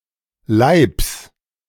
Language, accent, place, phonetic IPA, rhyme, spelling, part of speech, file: German, Germany, Berlin, [laɪ̯ps], -aɪ̯ps, Laibs, noun, De-Laibs.ogg
- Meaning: genitive singular of Laib